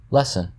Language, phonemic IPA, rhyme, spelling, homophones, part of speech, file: English, /ˈlɛsən/, -ɛsən, lessen, lesson, verb / conjunction, En-us-lessen.ogg
- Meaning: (verb) 1. To make less; to diminish; to reduce 2. To become less; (conjunction) unless